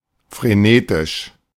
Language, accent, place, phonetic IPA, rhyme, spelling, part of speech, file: German, Germany, Berlin, [fʁeˈneːtɪʃ], -eːtɪʃ, frenetisch, adjective, De-frenetisch.ogg
- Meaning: frenetic